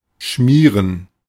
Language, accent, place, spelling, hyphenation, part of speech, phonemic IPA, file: German, Germany, Berlin, schmieren, schmie‧ren, verb, /ˈʃmiːɐ̯n/, De-schmieren.ogg
- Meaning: 1. to smear, to spread (a cream or similar substance across across a surface) 2. to butter (bread, etc.) 3. to grease, to oil, to lubricate 4. to bribe 5. to scribble, to scrawl